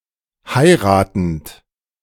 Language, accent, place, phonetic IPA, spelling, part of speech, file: German, Germany, Berlin, [ˈhaɪ̯ʁaːtn̩t], heiratend, verb, De-heiratend.ogg
- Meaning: present participle of heiraten